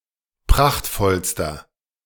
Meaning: inflection of prachtvoll: 1. strong/mixed nominative masculine singular superlative degree 2. strong genitive/dative feminine singular superlative degree 3. strong genitive plural superlative degree
- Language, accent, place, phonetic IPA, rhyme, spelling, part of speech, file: German, Germany, Berlin, [ˈpʁaxtfɔlstɐ], -axtfɔlstɐ, prachtvollster, adjective, De-prachtvollster.ogg